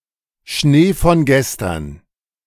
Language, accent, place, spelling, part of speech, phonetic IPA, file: German, Germany, Berlin, Schnee von gestern, noun, [ˈʃneː fɔn ˌɡɛstɐn], De-Schnee von gestern.ogg
- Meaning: water under the bridge